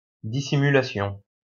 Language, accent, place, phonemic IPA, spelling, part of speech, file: French, France, Lyon, /di.si.my.la.sjɔ̃/, dissimulation, noun, LL-Q150 (fra)-dissimulation.wav
- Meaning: dissimulation